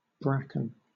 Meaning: 1. Any of several coarse ferns, of the genus Pteridium, that form dense thickets; often poisonous to livestock 2. An area of countryside heavily populated by this fern
- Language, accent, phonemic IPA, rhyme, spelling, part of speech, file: English, Southern England, /ˈbɹækən/, -ækən, bracken, noun, LL-Q1860 (eng)-bracken.wav